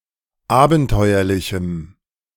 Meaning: strong dative masculine/neuter singular of abenteuerlich
- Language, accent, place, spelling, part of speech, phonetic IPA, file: German, Germany, Berlin, abenteuerlichem, adjective, [ˈaːbn̩ˌtɔɪ̯ɐlɪçm̩], De-abenteuerlichem.ogg